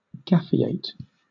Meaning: 1. To leave the mundane world and enter the science fiction fandom community 2. To drop out of fandom community activities, with the implication of "getting a life"
- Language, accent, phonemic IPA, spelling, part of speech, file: English, Southern England, /ˈɡæfiˌeɪt/, gafiate, verb, LL-Q1860 (eng)-gafiate.wav